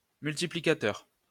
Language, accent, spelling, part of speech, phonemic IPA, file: French, France, multiplicateur, adjective / noun, /myl.ti.pli.ka.tœʁ/, LL-Q150 (fra)-multiplicateur.wav
- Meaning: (adjective) multiplying; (noun) multiplier (number by which another (the multiplicand) is to be multiplied)